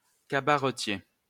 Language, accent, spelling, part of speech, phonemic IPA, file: French, France, cabaretier, noun, /ka.ba.ʁə.tje/, LL-Q150 (fra)-cabaretier.wav
- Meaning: 1. innkeeper 2. person who hosts a cabaret